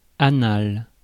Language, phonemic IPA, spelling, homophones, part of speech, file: French, /a.nal/, anal, anale / anales / annal / annale / annales, adjective / noun, Fr-anal.ogg
- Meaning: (adjective) anus; anal; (noun) ellipsis of sexe anal